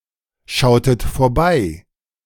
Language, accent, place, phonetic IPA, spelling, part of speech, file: German, Germany, Berlin, [ˌʃaʊ̯tət foːɐ̯ˈbaɪ̯], schautet vorbei, verb, De-schautet vorbei.ogg
- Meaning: inflection of vorbeischauen: 1. second-person plural preterite 2. second-person plural subjunctive II